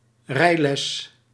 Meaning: a driving lesson or riding lesson; a lesson or education in driving cars or other vehicles or in riding animals
- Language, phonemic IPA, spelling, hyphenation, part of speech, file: Dutch, /ˈrɛi̯.lɛs/, rijles, rij‧les, noun, Nl-rijles.ogg